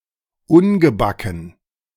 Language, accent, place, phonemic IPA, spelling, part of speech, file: German, Germany, Berlin, /ˈʊnɡəˌbakn̩/, ungebacken, adjective, De-ungebacken.ogg
- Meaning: unbaked